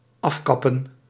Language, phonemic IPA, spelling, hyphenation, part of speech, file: Dutch, /ˈɑfˌkɑ.pə(n)/, afkappen, af‧kap‧pen, verb, Nl-afkappen.ogg
- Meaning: 1. to cut off, to truncate 2. to cut short, to truncate